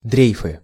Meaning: nominative/accusative plural of дрейф (drejf)
- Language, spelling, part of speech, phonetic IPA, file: Russian, дрейфы, noun, [ˈdrʲejfɨ], Ru-дрейфы.ogg